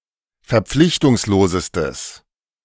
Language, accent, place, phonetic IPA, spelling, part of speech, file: German, Germany, Berlin, [fɛɐ̯ˈp͡flɪçtʊŋsloːzəstəs], verpflichtungslosestes, adjective, De-verpflichtungslosestes.ogg
- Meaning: strong/mixed nominative/accusative neuter singular superlative degree of verpflichtungslos